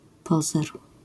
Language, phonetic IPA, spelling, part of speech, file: Polish, [ˈpɔzɛr], pozer, noun, LL-Q809 (pol)-pozer.wav